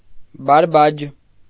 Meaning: nonsense, silly prattle
- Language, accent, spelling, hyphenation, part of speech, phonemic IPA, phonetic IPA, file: Armenian, Eastern Armenian, բարբաջ, բար‧բաջ, noun, /bɑɾˈbɑd͡ʒ/, [bɑɾbɑ́d͡ʒ], Hy-բարբաջ.ogg